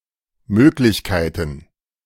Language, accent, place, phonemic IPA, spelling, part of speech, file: German, Germany, Berlin, /ˈmøːklɪçˌkaɪ̯tən/, Möglichkeiten, noun, De-Möglichkeiten.ogg
- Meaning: plural of Möglichkeit